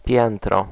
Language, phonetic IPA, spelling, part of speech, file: Polish, [ˈpʲjɛ̃ntrɔ], piętro, noun, Pl-piętro.ogg